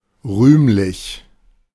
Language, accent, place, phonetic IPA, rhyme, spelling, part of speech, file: German, Germany, Berlin, [ˈʁyːmlɪç], -yːmlɪç, rühmlich, adjective, De-rühmlich.ogg
- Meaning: 1. glorious 2. praiseworthy